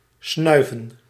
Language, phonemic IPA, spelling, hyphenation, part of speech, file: Dutch, /ˈsnœy̯.və(n)/, snuiven, snui‧ven, verb, Nl-snuiven.ogg
- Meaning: to sniff